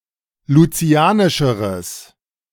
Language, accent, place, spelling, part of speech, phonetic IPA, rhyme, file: German, Germany, Berlin, lucianischeres, adjective, [luˈt͡si̯aːnɪʃəʁəs], -aːnɪʃəʁəs, De-lucianischeres.ogg
- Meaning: strong/mixed nominative/accusative neuter singular comparative degree of lucianisch